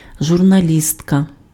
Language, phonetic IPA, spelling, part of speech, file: Ukrainian, [ʒʊrnɐˈlʲistkɐ], журналістка, noun, Uk-журналістка.ogg
- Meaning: female equivalent of журналі́ст (žurnalíst): journalist